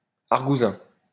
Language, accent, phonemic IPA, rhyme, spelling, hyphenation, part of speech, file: French, France, /aʁ.ɡu.zɛ̃/, -ɛ̃, argousin, ar‧gou‧sin, noun, LL-Q150 (fra)-argousin.wav
- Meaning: rozzer; copper